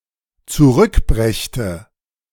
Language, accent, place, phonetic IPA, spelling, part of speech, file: German, Germany, Berlin, [t͡suˈʁʏkˌbʁɛçtə], zurückbrächte, verb, De-zurückbrächte.ogg
- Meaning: first/third-person singular dependent subjunctive II of zurückbringen